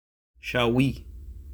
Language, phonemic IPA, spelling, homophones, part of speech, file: French, /ʃa.wi/, chaoui, chaouis / Chaouis, noun / adjective, Frc-chaoui (2).oga
- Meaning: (noun) Berber (language); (adjective) Berber (relating to people who speak the Berber language)